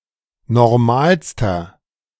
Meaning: inflection of normal: 1. strong/mixed nominative masculine singular superlative degree 2. strong genitive/dative feminine singular superlative degree 3. strong genitive plural superlative degree
- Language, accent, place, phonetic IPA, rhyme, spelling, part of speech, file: German, Germany, Berlin, [nɔʁˈmaːlstɐ], -aːlstɐ, normalster, adjective, De-normalster.ogg